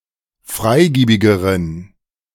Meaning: inflection of freigiebig: 1. strong genitive masculine/neuter singular comparative degree 2. weak/mixed genitive/dative all-gender singular comparative degree
- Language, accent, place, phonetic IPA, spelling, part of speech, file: German, Germany, Berlin, [ˈfʁaɪ̯ˌɡiːbɪɡəʁən], freigiebigeren, adjective, De-freigiebigeren.ogg